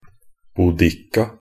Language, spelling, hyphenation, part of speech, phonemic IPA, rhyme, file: Norwegian Bokmål, Boudicca, Bou‧dic‧ca, proper noun, /buːˈdɪkːa/, -ɪkːa, Nb-boudicca.ogg
- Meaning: Boudica (a queen of the British Iceni tribe that led an uprising against the occupying forces of the Roman Empire)